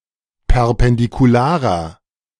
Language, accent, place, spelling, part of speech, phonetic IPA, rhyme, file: German, Germany, Berlin, perpendikularer, adjective, [pɛʁpɛndikuˈlaːʁɐ], -aːʁɐ, De-perpendikularer.ogg
- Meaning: inflection of perpendikular: 1. strong/mixed nominative masculine singular 2. strong genitive/dative feminine singular 3. strong genitive plural